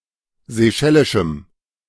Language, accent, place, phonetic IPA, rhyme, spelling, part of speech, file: German, Germany, Berlin, [zeˈʃɛlɪʃm̩], -ɛlɪʃm̩, seychellischem, adjective, De-seychellischem.ogg
- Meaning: strong dative masculine/neuter singular of seychellisch